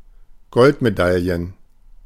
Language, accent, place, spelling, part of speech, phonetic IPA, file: German, Germany, Berlin, Goldmedaillen, noun, [ˈɡɔltmeˌdaljən], De-Goldmedaillen.ogg
- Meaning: plural of Goldmedaille